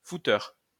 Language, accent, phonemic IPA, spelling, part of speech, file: French, France, /fu.tœʁ/, fouteur, noun, LL-Q150 (fra)-fouteur.wav
- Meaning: fucker (one who loves or frequently participates in sex)